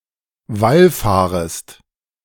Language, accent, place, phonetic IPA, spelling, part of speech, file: German, Germany, Berlin, [ˈvalˌfaːʁəst], wallfahrest, verb, De-wallfahrest.ogg
- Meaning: second-person singular subjunctive I of wallfahren